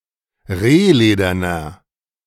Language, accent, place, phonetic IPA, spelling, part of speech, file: German, Germany, Berlin, [ˈʁeːˌleːdɐnɐ], rehlederner, adjective, De-rehlederner.ogg
- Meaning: inflection of rehledern: 1. strong/mixed nominative masculine singular 2. strong genitive/dative feminine singular 3. strong genitive plural